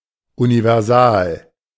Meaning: universal
- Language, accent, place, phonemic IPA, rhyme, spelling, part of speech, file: German, Germany, Berlin, /univɛʁˈzaːl/, -aːl, universal, adjective, De-universal.ogg